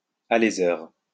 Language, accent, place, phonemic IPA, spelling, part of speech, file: French, France, Lyon, /a.le.zœʁ/, aléseur, noun, LL-Q150 (fra)-aléseur.wav
- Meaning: reamer, borer (person)